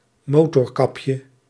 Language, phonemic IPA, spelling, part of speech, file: Dutch, /ˈmotɔrˌkɑpjə/, motorkapje, noun, Nl-motorkapje.ogg
- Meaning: diminutive of motorkap